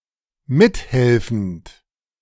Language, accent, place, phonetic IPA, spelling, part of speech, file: German, Germany, Berlin, [ˈmɪtˌhɛlfn̩t], mithelfend, verb, De-mithelfend.ogg
- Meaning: present participle of mithelfen